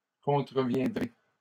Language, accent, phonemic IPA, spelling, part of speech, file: French, Canada, /kɔ̃.tʁə.vjɛ̃.dʁe/, contreviendrai, verb, LL-Q150 (fra)-contreviendrai.wav
- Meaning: first-person singular simple future of contrevenir